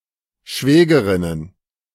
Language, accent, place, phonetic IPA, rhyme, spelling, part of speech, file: German, Germany, Berlin, [ˈʃvɛːɡəʁɪnən], -ɛːɡəʁɪnən, Schwägerinnen, noun, De-Schwägerinnen.ogg
- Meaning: plural of Schwägerin